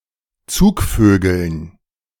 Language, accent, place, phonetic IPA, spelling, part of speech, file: German, Germany, Berlin, [ˈt͡suːkˌføːɡl̩n], Zugvögeln, noun, De-Zugvögeln.ogg
- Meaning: dative plural of Zugvogel